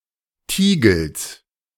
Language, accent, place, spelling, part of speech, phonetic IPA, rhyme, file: German, Germany, Berlin, Tiegels, noun, [ˈtiːɡl̩s], -iːɡl̩s, De-Tiegels.ogg
- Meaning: genitive singular of Tiegel